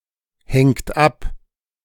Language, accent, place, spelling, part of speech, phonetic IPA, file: German, Germany, Berlin, hängt ab, verb, [ˌhɛŋt ˈap], De-hängt ab.ogg
- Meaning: inflection of abhängen: 1. third-person singular present 2. second-person plural present 3. plural imperative